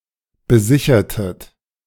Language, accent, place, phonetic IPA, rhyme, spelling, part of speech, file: German, Germany, Berlin, [bəˈzɪçɐtət], -ɪçɐtət, besichertet, verb, De-besichertet.ogg
- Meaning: inflection of besichern: 1. second-person plural preterite 2. second-person plural subjunctive II